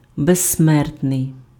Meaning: 1. immortal (living forever, never dying) 2. immortal, undying, deathless, everlasting (never to be forgotten)
- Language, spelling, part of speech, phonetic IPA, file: Ukrainian, безсмертний, adjective, [bezsˈmɛrtnei̯], Uk-безсмертний.ogg